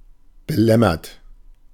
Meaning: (verb) past participle of belämmern; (adjective) 1. perplexed; in a sudden state of confusion (e.g. through a lack of concentration, or shock) 2. intimidated, discouraged, disheartened
- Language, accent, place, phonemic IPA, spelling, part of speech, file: German, Germany, Berlin, /bəˈlɛmɐt/, belämmert, verb / adjective, De-belämmert.ogg